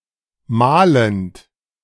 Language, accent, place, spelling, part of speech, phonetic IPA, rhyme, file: German, Germany, Berlin, mahlend, adjective / verb, [ˈmaːlənt], -aːlənt, De-mahlend.ogg
- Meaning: present participle of mahlen